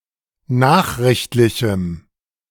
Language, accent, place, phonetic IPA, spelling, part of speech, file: German, Germany, Berlin, [ˈnaːxʁɪçtlɪçm̩], nachrichtlichem, adjective, De-nachrichtlichem.ogg
- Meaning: strong dative masculine/neuter singular of nachrichtlich